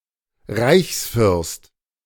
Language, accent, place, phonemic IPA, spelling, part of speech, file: German, Germany, Berlin, /ˈʁaɪ̯çsfʏʁst/, Reichsfürst, noun, De-Reichsfürst.ogg
- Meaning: A Prince of the Holy Roman Empire, i.e. ruler, regardless of title, entitled to an individual seat in the Imperial Diet